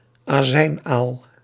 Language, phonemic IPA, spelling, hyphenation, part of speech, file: Dutch, /aːˈzɛi̯nˌaːl/, azijnaal, azijn‧aal, noun, Nl-azijnaal.ogg
- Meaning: vinegar eel, Turbatrix aceti